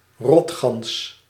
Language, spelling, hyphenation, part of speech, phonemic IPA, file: Dutch, rotgans, rot‧gans, noun, /ˈrɔt.xɑns/, Nl-rotgans.ogg
- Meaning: the brent goose, brant (Branta bernicla)